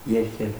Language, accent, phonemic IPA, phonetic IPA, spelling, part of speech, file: Armenian, Eastern Armenian, /jeɾˈkʰel/, [jeɾkʰél], երգել, verb, Hy-երգել.ogg
- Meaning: 1. to sing 2. to say